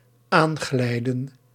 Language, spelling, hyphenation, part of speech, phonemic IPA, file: Dutch, aanglijden, aan‧glij‧den, verb, /ˈaːnˌɣlɛi̯.də(n)/, Nl-aanglijden.ogg
- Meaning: to slide near, to approach or arrive while sliding or slipping